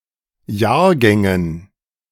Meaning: dative plural of Jahrgang
- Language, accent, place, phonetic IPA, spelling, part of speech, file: German, Germany, Berlin, [ˈjaːɐ̯ˌɡɛŋən], Jahrgängen, noun, De-Jahrgängen.ogg